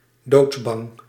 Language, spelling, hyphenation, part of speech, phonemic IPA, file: Dutch, doodsbang, doods‧bang, adjective, /doːtsˈbɑŋ/, Nl-doodsbang.ogg
- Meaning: 1. fearing death, scared of dying 2. scared to death, gravely anguished